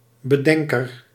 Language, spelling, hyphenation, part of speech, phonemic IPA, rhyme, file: Dutch, bedenker, be‧den‧ker, noun, /bəˈdɛŋ.kər/, -ɛŋkər, Nl-bedenker.ogg
- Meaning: 1. deviser, someone who thinks something up 2. creator